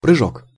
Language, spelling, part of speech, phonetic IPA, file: Russian, прыжок, noun, [prɨˈʐok], Ru-прыжок.ogg
- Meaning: 1. jump, leap, bound 2. dive